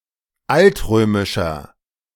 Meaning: inflection of altrömisch: 1. strong/mixed nominative masculine singular 2. strong genitive/dative feminine singular 3. strong genitive plural
- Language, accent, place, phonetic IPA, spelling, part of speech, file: German, Germany, Berlin, [ˈaltˌʁøːmɪʃɐ], altrömischer, adjective, De-altrömischer.ogg